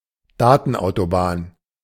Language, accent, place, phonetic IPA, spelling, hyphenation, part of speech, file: German, Germany, Berlin, [ˈdaːtn̩ˌʔaʊ̯tobaːn], Datenautobahn, Da‧ten‧au‧to‧bahn, noun, De-Datenautobahn.ogg
- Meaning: information superhighway